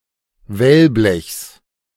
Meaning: genitive of Wellblech
- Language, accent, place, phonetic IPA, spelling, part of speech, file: German, Germany, Berlin, [ˈvɛlˌblɛçs], Wellblechs, noun, De-Wellblechs.ogg